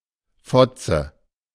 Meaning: 1. cunt (vulva, also vagina) 2. cunt (swearword, usually towards women) 3. muzzle 4. slap in the face
- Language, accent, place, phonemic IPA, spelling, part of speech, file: German, Germany, Berlin, /ˈfɔtsə/, Fotze, noun, De-Fotze.ogg